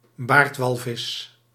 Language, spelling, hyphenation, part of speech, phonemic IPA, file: Dutch, baardwalvis, baard‧wal‧vis, noun, /ˈbaːrtˌʋɑl.vɪs/, Nl-baardwalvis.ogg
- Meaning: baleen whale, member of the parvorder Mysticeti